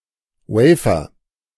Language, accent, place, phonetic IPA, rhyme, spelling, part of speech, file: German, Germany, Berlin, [ˈwɛɪ̯fɐ], -ɛɪ̯fɐ, Wafer, noun, De-Wafer.ogg
- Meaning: wafer